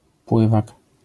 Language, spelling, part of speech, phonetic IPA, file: Polish, pływak, noun, [ˈpwɨvak], LL-Q809 (pol)-pływak.wav